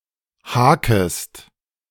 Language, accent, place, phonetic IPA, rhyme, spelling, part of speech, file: German, Germany, Berlin, [ˈhaːkəst], -aːkəst, hakest, verb, De-hakest.ogg
- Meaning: second-person singular subjunctive I of haken